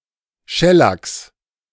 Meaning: genitive singular of Schellack
- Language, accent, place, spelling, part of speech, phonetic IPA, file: German, Germany, Berlin, Schellacks, noun, [ˈʃɛlaks], De-Schellacks.ogg